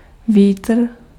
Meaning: wind (movement of air)
- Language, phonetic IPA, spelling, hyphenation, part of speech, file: Czech, [ˈviːtr̩], vítr, ví‧tr, noun, Cs-vítr.ogg